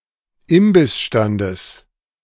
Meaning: genitive singular of Imbissstand
- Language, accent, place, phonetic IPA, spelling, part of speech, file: German, Germany, Berlin, [ˈɪmbɪsˌʃtandəs], Imbissstandes, noun, De-Imbissstandes.ogg